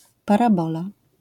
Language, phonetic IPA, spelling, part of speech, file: Polish, [ˌparaˈbɔla], parabola, noun, LL-Q809 (pol)-parabola.wav